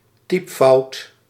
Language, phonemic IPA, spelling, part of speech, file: Dutch, /ˈtipfɑut/, typfout, noun, Nl-typfout.ogg
- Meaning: typo, typing error